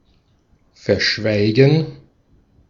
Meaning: to conceal (to hide something by remaining silent about it), to fail to mention, to keep (information) quiet
- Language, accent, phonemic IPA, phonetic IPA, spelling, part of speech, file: German, Austria, /fɛʁˈʃvaɪ̯ɡən/, [fɛɐ̯ˈʃvaɪ̯ɡŋ̍], verschweigen, verb, De-at-verschweigen.ogg